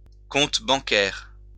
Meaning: bank account (fund deposited by a customer for safekeeping in a bank)
- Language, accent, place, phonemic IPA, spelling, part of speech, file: French, France, Lyon, /kɔ̃t bɑ̃.kɛʁ/, compte bancaire, noun, LL-Q150 (fra)-compte bancaire.wav